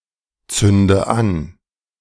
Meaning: inflection of anzünden: 1. first-person singular present 2. first/third-person singular subjunctive I 3. singular imperative
- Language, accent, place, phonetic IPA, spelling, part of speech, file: German, Germany, Berlin, [ˌt͡sʏndə ˈan], zünde an, verb, De-zünde an.ogg